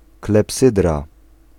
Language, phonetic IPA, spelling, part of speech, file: Polish, [klɛpˈsɨdra], klepsydra, noun, Pl-klepsydra.ogg